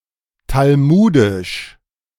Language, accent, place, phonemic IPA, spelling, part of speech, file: German, Germany, Berlin, /talˈmuːdɪʃ/, talmudisch, adjective, De-talmudisch.ogg
- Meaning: Talmudic